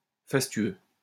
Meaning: sumptuous, luxurious
- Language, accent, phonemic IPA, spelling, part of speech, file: French, France, /fas.tɥø/, fastueux, adjective, LL-Q150 (fra)-fastueux.wav